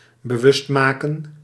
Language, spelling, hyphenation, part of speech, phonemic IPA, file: Dutch, bewustmaken, be‧wust‧ma‧ken, verb, /bəˈʋʏstmaːkə(n)/, Nl-bewustmaken.ogg
- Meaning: to conscientize, to make aware